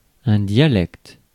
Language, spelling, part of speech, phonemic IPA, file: French, dialecte, noun, /dja.lɛkt/, Fr-dialecte.ogg
- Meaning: 1. language socially subordinate to a regional or national standard language, often historically cognate to the standard, but not a variety of it or in any other sense derived from it 2. dialect